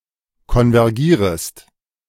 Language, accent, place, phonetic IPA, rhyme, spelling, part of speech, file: German, Germany, Berlin, [kɔnvɛʁˈɡiːʁəst], -iːʁəst, konvergierest, verb, De-konvergierest.ogg
- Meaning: second-person singular subjunctive I of konvergieren